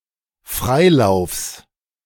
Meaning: genitive singular of Freilauf
- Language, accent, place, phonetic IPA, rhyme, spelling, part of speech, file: German, Germany, Berlin, [ˈfʁaɪ̯ˌlaʊ̯fs], -aɪ̯laʊ̯fs, Freilaufs, noun, De-Freilaufs.ogg